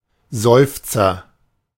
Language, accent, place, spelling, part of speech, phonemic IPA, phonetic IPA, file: German, Germany, Berlin, Seufzer, noun, /ˈzɔʏ̯ftsər/, [ˈzɔø̯f.t͡sɐ], De-Seufzer.ogg
- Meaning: 1. sigh; an instance of sighing 2. a sigher; one who sighs